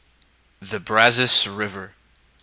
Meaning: A river that flows through Texas, United States, into the Gulf of Mexico
- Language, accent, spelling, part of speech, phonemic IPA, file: English, US, Brazos, proper noun, /ˈbɹæzəs/, Brazos River Pronunciation.oga